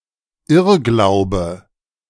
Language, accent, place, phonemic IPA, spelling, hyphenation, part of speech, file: German, Germany, Berlin, /ˈɪʁɡlaʊ̯bə/, Irrglaube, Irr‧glau‧be, noun, De-Irrglaube.ogg
- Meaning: misbelief, misconception